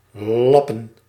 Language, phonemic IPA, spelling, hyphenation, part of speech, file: Dutch, /ˈlɑ.pə(n)/, lappen, lap‧pen, verb / noun, Nl-lappen.ogg
- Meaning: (verb) 1. to piece up, to patch, to repair 2. to patch up, to repair with patches 3. to raise (money) 4. to pay up, to put in extra money 5. to clean with a shammy